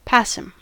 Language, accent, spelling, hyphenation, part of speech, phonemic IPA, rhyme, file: English, US, passim, pas‧sim, adverb / adjective, /ˈpæ.sɪm/, -æsɪm, En-us-passim.ogg
- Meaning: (adverb) Used in citations to indicate that something, as a word, phrase, or idea, is to be found at many places throughout the work cited; here and there, throughout